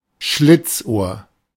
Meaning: sly fox, slyboots
- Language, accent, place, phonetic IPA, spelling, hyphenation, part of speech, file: German, Germany, Berlin, [ˈʃlɪt͡sˌʔoːɐ̯], Schlitzohr, Schlitz‧ohr, noun, De-Schlitzohr.ogg